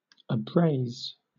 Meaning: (adjective) Rubbed smooth or blank; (verb) To wear down; rub clean; smoothen; abrade
- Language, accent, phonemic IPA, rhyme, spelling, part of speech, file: English, Southern England, /əˈbɹeɪz/, -eɪz, abrase, adjective / verb, LL-Q1860 (eng)-abrase.wav